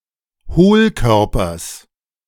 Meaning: genitive singular of Hohlkörper
- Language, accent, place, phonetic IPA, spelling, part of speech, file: German, Germany, Berlin, [ˈhoːlˌkœʁpɐs], Hohlkörpers, noun, De-Hohlkörpers.ogg